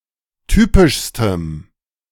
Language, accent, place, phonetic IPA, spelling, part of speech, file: German, Germany, Berlin, [ˈtyːpɪʃstəm], typischstem, adjective, De-typischstem.ogg
- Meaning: strong dative masculine/neuter singular superlative degree of typisch